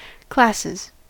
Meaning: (noun) 1. plural of class 2. plural of classis; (verb) third-person singular simple present indicative of class
- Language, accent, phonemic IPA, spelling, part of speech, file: English, US, /ˈklæsɪz/, classes, noun / verb, En-us-classes.ogg